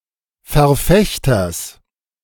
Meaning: genitive of Verfechter
- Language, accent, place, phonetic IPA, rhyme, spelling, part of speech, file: German, Germany, Berlin, [fɛɐ̯ˈfɛçtɐs], -ɛçtɐs, Verfechters, noun, De-Verfechters.ogg